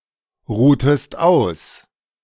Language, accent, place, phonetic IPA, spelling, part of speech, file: German, Germany, Berlin, [ˌʁuːtəst ˈaʊ̯s], ruhtest aus, verb, De-ruhtest aus.ogg
- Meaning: inflection of ausruhen: 1. second-person singular preterite 2. second-person singular subjunctive II